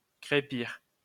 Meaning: to roughcast, render
- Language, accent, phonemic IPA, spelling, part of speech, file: French, France, /kʁe.piʁ/, crépir, verb, LL-Q150 (fra)-crépir.wav